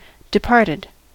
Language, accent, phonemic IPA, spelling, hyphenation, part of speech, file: English, US, /dɪˈpɑɹtɪd/, departed, de‧part‧ed, verb / adjective / noun, En-us-departed.ogg
- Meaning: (verb) simple past and past participle of depart; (adjective) 1. Having gone away 2. Dead; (noun) Synonym of dead (“those who have died”)